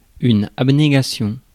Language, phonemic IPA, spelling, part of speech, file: French, /ab.ne.ɡa.sjɔ̃/, abnégation, noun, Fr-abnégation.ogg
- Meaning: 1. selflessness, self-sacrifice 2. denial, abnegation